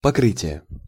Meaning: 1. covering, coating 2. coat, surface 3. discharge, payment 4. coverage (of insurance etc)
- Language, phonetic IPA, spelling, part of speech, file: Russian, [pɐˈkrɨtʲɪje], покрытие, noun, Ru-покрытие.ogg